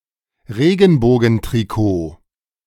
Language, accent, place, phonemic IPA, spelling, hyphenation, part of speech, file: German, Germany, Berlin, /ˈʁeːɡn̩boːɡn̩tʁiˌkoː/, Regenbogentrikot, Re‧gen‧bo‧gen‧tri‧kot, noun, De-Regenbogentrikot.ogg
- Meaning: rainbow jersey